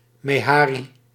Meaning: a mehari (type of dromedary camel)
- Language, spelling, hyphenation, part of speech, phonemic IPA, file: Dutch, mehari, me‧ha‧ri, noun, /ˌmeːˈɦaː.ri/, Nl-mehari.ogg